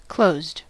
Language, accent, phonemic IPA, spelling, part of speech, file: English, General American, /kloʊzd/, closed, adjective / verb, En-us-closed.ogg
- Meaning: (adjective) Physically obstructed, sealed, etc.: 1. Made impassable 2. Sealed or covered 3. Physically drawn together, folded or contracted 4. In a position preventing fluid from flowing